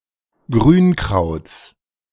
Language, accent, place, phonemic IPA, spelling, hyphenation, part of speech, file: German, Germany, Berlin, /ˈɡʁyːnˌkʁaʊ̯t͡s/, Grünkrauts, Grün‧krauts, noun, De-Grünkrauts.ogg
- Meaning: genitive singular of Grünkraut